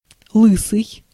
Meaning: 1. bald, bald-headed 2. of tyres: whose surface is worn away
- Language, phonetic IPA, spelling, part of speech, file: Russian, [ˈɫɨsɨj], лысый, adjective, Ru-лысый.ogg